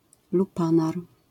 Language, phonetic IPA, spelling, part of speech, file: Polish, [luˈpãnar], lupanar, noun, LL-Q809 (pol)-lupanar.wav